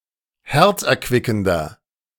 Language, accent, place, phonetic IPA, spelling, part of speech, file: German, Germany, Berlin, [ˈhɛʁt͡sʔɛɐ̯ˌkvɪkn̩dɐ], herzerquickender, adjective, De-herzerquickender.ogg
- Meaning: 1. comparative degree of herzerquickend 2. inflection of herzerquickend: strong/mixed nominative masculine singular 3. inflection of herzerquickend: strong genitive/dative feminine singular